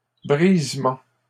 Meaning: breaking up
- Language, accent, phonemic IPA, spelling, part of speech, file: French, Canada, /bʁiz.mɑ̃/, brisement, noun, LL-Q150 (fra)-brisement.wav